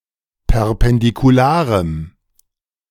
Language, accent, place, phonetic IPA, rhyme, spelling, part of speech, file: German, Germany, Berlin, [pɛʁpɛndikuˈlaːʁəm], -aːʁəm, perpendikularem, adjective, De-perpendikularem.ogg
- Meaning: strong dative masculine/neuter singular of perpendikular